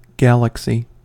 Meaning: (noun) The Milky Way; the apparent band of concentrated stars which appears in the night sky over earth
- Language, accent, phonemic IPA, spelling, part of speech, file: English, US, /ˈɡæl.ək.si/, galaxy, noun / verb, En-us-galaxy.ogg